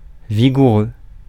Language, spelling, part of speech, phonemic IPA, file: French, vigoureux, adjective, /vi.ɡu.ʁø/, Fr-vigoureux.ogg
- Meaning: vigorous